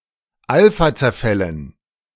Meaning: dative plural of Alphazerfall
- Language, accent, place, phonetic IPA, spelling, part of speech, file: German, Germany, Berlin, [ˈalfat͡sɛɐ̯ˌfɛlən], Alphazerfällen, noun, De-Alphazerfällen.ogg